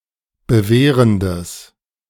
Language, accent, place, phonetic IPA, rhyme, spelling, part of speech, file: German, Germany, Berlin, [bəˈveːʁəndəs], -eːʁəndəs, bewehrendes, adjective, De-bewehrendes.ogg
- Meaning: strong/mixed nominative/accusative neuter singular of bewehrend